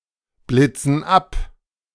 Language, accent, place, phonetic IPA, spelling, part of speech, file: German, Germany, Berlin, [ˌblɪt͡sn̩ ˈap], blitzen ab, verb, De-blitzen ab.ogg
- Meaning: inflection of abblitzen: 1. first/third-person plural present 2. first/third-person plural subjunctive I